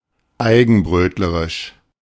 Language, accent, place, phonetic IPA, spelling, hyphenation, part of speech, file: German, Germany, Berlin, [ˈaɪ̯ɡn̩ˌbʁøːtləʁɪʃ], eigenbrötlerisch, ei‧gen‧bröt‧le‧risch, adjective, De-eigenbrötlerisch.ogg
- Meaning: solitary, reclusive